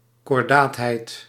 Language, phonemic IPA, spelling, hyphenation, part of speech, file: Dutch, /kɔrˈdaːt.ɦɛi̯t/, kordaatheid, kor‧daat‧heid, noun, Nl-kordaatheid.ogg
- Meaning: firmness, resoluteness